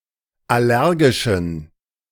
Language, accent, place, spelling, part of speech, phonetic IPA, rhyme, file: German, Germany, Berlin, allergischen, adjective, [ˌaˈlɛʁɡɪʃn̩], -ɛʁɡɪʃn̩, De-allergischen.ogg
- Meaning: inflection of allergisch: 1. strong genitive masculine/neuter singular 2. weak/mixed genitive/dative all-gender singular 3. strong/weak/mixed accusative masculine singular 4. strong dative plural